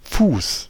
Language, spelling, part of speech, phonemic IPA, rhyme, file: German, Fuß, noun, /fuːs/, -uːs, De-Fuß.ogg
- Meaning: 1. foot (body part) 2. footing 3. pedestal 4. foot 5. metrical foot 6. leg